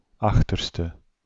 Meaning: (adjective) rearmost, hindmost; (noun) rear end, bottom of a person or animal
- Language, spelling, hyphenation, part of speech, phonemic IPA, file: Dutch, achterste, ach‧ter‧ste, adjective / noun, /ˈɑx.tər.stə/, Nl-achterste.ogg